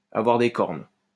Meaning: to have been cuckolded, to have been cheated on
- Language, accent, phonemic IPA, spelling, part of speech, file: French, France, /a.vwaʁ de kɔʁn/, avoir des cornes, verb, LL-Q150 (fra)-avoir des cornes.wav